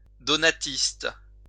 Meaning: Donatist
- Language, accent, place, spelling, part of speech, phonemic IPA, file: French, France, Lyon, donatiste, noun, /dɔ.na.tist/, LL-Q150 (fra)-donatiste.wav